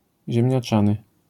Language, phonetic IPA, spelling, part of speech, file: Polish, [ˌʑɛ̃mʲɲaˈt͡ʃãnɨ], ziemniaczany, adjective, LL-Q809 (pol)-ziemniaczany.wav